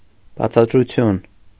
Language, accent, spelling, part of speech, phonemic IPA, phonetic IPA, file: Armenian, Eastern Armenian, բացատրություն, noun, /bɑt͡sʰɑt(ə)ɾuˈtʰjun/, [bɑt͡sʰɑt(ə)ɾut͡sʰjún], Hy-բացատրություն.ogg
- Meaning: explanation